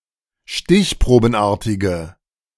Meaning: inflection of stichprobenartig: 1. strong/mixed nominative/accusative feminine singular 2. strong nominative/accusative plural 3. weak nominative all-gender singular
- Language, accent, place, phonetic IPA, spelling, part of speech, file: German, Germany, Berlin, [ˈʃtɪçpʁoːbn̩ˌʔaːɐ̯tɪɡə], stichprobenartige, adjective, De-stichprobenartige.ogg